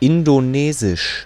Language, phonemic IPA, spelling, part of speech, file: German, /ˌɪndoˈneːzɪʃ/, Indonesisch, proper noun, De-Indonesisch.ogg
- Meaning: Indonesian; the language of Indonesia